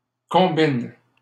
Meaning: second-person singular present indicative/subjunctive of combiner
- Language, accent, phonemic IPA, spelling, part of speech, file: French, Canada, /kɔ̃.bin/, combines, verb, LL-Q150 (fra)-combines.wav